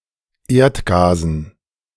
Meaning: dative plural of Erdgas
- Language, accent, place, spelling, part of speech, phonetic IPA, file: German, Germany, Berlin, Erdgasen, noun, [ˈeːɐ̯tˌɡaːzn̩], De-Erdgasen.ogg